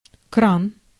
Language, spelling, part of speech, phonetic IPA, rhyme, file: Russian, кран, noun, [kran], -an, Ru-кран.ogg
- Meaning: 1. valve (a ball valve, a plug valve, or similar rotating device controlling flow through a pipe) 2. faucet, tap, spigot 3. crane